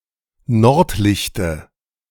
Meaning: dative of Nordlicht
- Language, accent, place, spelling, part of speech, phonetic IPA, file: German, Germany, Berlin, Nordlichte, noun, [ˈnɔʁtˌlɪçtə], De-Nordlichte.ogg